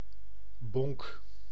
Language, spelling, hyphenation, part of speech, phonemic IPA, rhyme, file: Dutch, bonk, bonk, noun / verb, /bɔŋk/, -ɔŋk, Nl-bonk.ogg
- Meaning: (noun) 1. lump, clod 2. large, coarse man; gorilla, hulk 3. large marble (large bead used in games); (verb) inflection of bonken: first-person singular present indicative